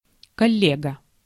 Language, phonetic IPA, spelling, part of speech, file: Russian, [kɐˈlʲeɡə], коллега, noun, Ru-коллега.ogg
- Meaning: colleague (fellow member of a profession)